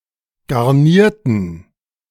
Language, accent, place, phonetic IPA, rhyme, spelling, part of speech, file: German, Germany, Berlin, [ɡaʁˈniːɐ̯tn̩], -iːɐ̯tn̩, garnierten, adjective / verb, De-garnierten.ogg
- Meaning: inflection of garnieren: 1. first/third-person plural preterite 2. first/third-person plural subjunctive II